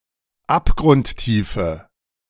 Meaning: inflection of abgrundtief: 1. strong/mixed nominative/accusative feminine singular 2. strong nominative/accusative plural 3. weak nominative all-gender singular
- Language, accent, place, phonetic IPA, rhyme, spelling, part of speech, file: German, Germany, Berlin, [ˌapɡʁʊntˈtiːfə], -iːfə, abgrundtiefe, adjective, De-abgrundtiefe.ogg